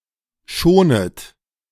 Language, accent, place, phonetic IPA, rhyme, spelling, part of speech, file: German, Germany, Berlin, [ˈʃoːnət], -oːnət, schonet, verb, De-schonet.ogg
- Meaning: second-person plural subjunctive I of schonen